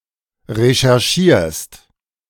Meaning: second-person singular present of recherchieren
- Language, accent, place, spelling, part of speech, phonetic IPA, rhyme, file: German, Germany, Berlin, recherchierst, verb, [ʁeʃɛʁˈʃiːɐ̯st], -iːɐ̯st, De-recherchierst.ogg